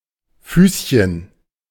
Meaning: diminutive of Fuß
- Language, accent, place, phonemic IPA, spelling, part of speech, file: German, Germany, Berlin, /ˈfyːs.çən/, Füßchen, noun, De-Füßchen.ogg